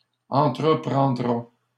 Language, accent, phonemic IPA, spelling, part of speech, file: French, Canada, /ɑ̃.tʁə.pʁɑ̃.dʁa/, entreprendra, verb, LL-Q150 (fra)-entreprendra.wav
- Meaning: third-person singular future of entreprendre